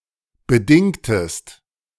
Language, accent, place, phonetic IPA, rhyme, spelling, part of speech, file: German, Germany, Berlin, [bəˈdɪŋtəst], -ɪŋtəst, bedingtest, verb, De-bedingtest.ogg
- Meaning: inflection of bedingen: 1. second-person singular preterite 2. second-person singular subjunctive II